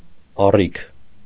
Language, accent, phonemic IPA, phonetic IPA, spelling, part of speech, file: Armenian, Eastern Armenian, /ɑˈrikʰ/, [ɑríkʰ], առիք, noun, Hy-առիք.ogg
- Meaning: ceiling